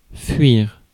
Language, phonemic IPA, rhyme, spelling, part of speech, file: French, /fɥiʁ/, -iʁ, fuir, verb, Fr-fuir.ogg
- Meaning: 1. to escape 2. to flee 3. to leak; to have a leak